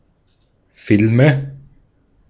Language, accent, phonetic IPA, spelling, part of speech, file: German, Austria, [ˈfɪlmə], Filme, noun, De-at-Filme.ogg
- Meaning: nominative/accusative/genitive plural of Film